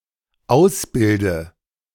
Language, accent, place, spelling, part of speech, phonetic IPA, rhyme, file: German, Germany, Berlin, ausbilde, verb, [ˈaʊ̯sˌbɪldə], -aʊ̯sbɪldə, De-ausbilde.ogg
- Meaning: inflection of ausbilden: 1. first-person singular dependent present 2. first/third-person singular dependent subjunctive I